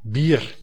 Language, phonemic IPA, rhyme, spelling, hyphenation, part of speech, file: Dutch, /bir/, -ir, bier, bier, noun, Nl-bier.ogg
- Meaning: 1. beer (alcoholic drink brewed from grains or other starch material) 2. a serving of beer 3. a variety of beer